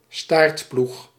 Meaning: 1. stilted plough, plow with (a) stilt(s) 2. team that trails in the rankings
- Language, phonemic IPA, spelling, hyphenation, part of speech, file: Dutch, /ˈstaːrt.plux/, staartploeg, staart‧ploeg, noun, Nl-staartploeg.ogg